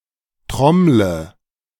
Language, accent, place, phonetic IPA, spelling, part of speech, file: German, Germany, Berlin, [ˈtʁɔmlə], trommle, verb, De-trommle.ogg
- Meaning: inflection of trommeln: 1. first-person singular present 2. singular imperative 3. first/third-person singular subjunctive I